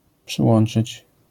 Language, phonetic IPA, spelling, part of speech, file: Polish, [pʃɨˈwɔ̃n͇t͡ʃɨt͡ɕ], przyłączyć, verb, LL-Q809 (pol)-przyłączyć.wav